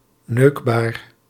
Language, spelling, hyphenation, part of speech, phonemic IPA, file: Dutch, neukbaar, neuk‧baar, adjective, /nøːkbaːr/, Nl-neukbaar.ogg
- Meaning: fuckable